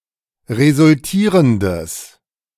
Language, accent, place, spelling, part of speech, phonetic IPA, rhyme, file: German, Germany, Berlin, resultierendes, adjective, [ʁezʊlˈtiːʁəndəs], -iːʁəndəs, De-resultierendes.ogg
- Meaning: strong/mixed nominative/accusative neuter singular of resultierend